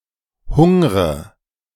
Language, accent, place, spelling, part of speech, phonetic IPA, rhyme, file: German, Germany, Berlin, hungre, verb, [ˈhʊŋʁə], -ʊŋʁə, De-hungre.ogg
- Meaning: inflection of hungern: 1. first-person singular present 2. first/third-person singular subjunctive I 3. singular imperative